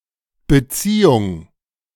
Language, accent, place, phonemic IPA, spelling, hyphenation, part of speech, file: German, Germany, Berlin, /bəˈtsiːʊŋ/, Beziehung, Be‧zie‧hung, noun, De-Beziehung.ogg
- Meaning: 1. relation, relationship, connection 2. interpersonal relationship, terms, relations 3. romantic relationship